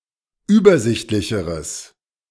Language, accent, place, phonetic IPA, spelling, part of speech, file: German, Germany, Berlin, [ˈyːbɐˌzɪçtlɪçəʁəs], übersichtlicheres, adjective, De-übersichtlicheres.ogg
- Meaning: strong/mixed nominative/accusative neuter singular comparative degree of übersichtlich